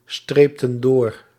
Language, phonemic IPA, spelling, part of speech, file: Dutch, /ˈstreptə(n) ˈdor/, streepten door, verb, Nl-streepten door.ogg
- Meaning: inflection of doorstrepen: 1. plural past indicative 2. plural past subjunctive